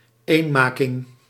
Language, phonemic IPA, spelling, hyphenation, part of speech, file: Dutch, /ˈeːnˌmaː.kɪŋ/, eenmaking, een‧ma‧king, noun, Nl-eenmaking.ogg
- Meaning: unification (action or process of unifying groups, institutions or polities)